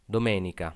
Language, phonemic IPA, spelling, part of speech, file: Italian, /doˈmenika/, domenica, noun, It-domenica.ogg